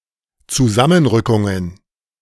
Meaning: plural of Zusammenrückung
- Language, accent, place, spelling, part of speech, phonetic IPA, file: German, Germany, Berlin, Zusammenrückungen, noun, [t͡suˈzamənˌʁʏkʊŋən], De-Zusammenrückungen.ogg